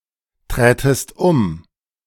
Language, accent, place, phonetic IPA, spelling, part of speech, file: German, Germany, Berlin, [ˌtʁɛːtəst ˈʊm], trätest um, verb, De-trätest um.ogg
- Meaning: second-person singular subjunctive II of umtreten